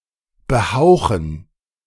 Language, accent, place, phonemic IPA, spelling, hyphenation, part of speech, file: German, Germany, Berlin, /bəˈhaʊ̯χn̩/, behauchen, be‧hau‧chen, verb, De-behauchen.ogg
- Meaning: to aspirate